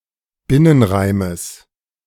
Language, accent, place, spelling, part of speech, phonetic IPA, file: German, Germany, Berlin, Binnenreimes, noun, [ˈbɪnənˌʁaɪ̯məs], De-Binnenreimes.ogg
- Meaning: genitive singular of Binnenreim